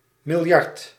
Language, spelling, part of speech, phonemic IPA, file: Dutch, miljard, noun, /mɪlˈjɑrt/, Nl-miljard.ogg
- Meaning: a billion, a milliard, 10⁹